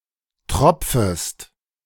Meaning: second-person singular subjunctive I of tropfen
- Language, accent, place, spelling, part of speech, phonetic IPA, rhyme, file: German, Germany, Berlin, tropfest, verb, [ˈtʁɔp͡fəst], -ɔp͡fəst, De-tropfest.ogg